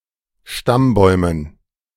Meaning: dative plural of Stammbaum
- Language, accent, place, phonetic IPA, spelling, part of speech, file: German, Germany, Berlin, [ˈʃtamˌbɔɪ̯mən], Stammbäumen, noun, De-Stammbäumen.ogg